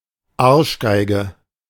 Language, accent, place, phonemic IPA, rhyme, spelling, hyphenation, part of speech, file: German, Germany, Berlin, /ˈarʃɡaɪ̯ɡə/, -aɪ̯ɡə, Arschgeige, Arsch‧gei‧ge, noun, De-Arschgeige.ogg
- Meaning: asshole, bastard